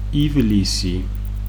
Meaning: July
- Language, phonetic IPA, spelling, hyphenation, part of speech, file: Georgian, [ivlisi], ივლისი, ივ‧ლი‧სი, proper noun, Ka-ივლისი.ogg